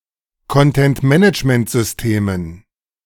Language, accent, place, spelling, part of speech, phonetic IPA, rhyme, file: German, Germany, Berlin, Content-Management-Systemen, noun, [kɔntɛntˈmɛnɪt͡ʃməntzʏsˈteːmən], -eːmən, De-Content-Management-Systemen.ogg
- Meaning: dative plural of Content-Management-System